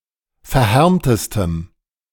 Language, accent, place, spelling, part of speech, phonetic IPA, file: German, Germany, Berlin, verhärmtestem, adjective, [fɛɐ̯ˈhɛʁmtəstəm], De-verhärmtestem.ogg
- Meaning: strong dative masculine/neuter singular superlative degree of verhärmt